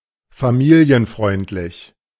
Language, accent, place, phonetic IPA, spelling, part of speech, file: German, Germany, Berlin, [faˈmiːli̯ənˌfʁɔɪ̯ntlɪç], familienfreundlich, adjective, De-familienfreundlich.ogg
- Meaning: family-friendly